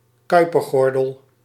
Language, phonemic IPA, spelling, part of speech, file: Dutch, /ˈkœypərˌɣɔrdəl/, Kuipergordel, noun, Nl-Kuipergordel.ogg
- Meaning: Kuiper belt